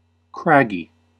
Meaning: Characterized by rugged, sharp, or coarse features
- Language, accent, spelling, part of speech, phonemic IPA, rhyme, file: English, US, craggy, adjective, /ˈkɹæɡ.i/, -æɡi, En-us-craggy.ogg